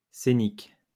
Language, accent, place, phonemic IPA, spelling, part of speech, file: French, France, Lyon, /se.nik/, scénique, adjective, LL-Q150 (fra)-scénique.wav
- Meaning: stage, scenic (of or relating to a theatrical scene)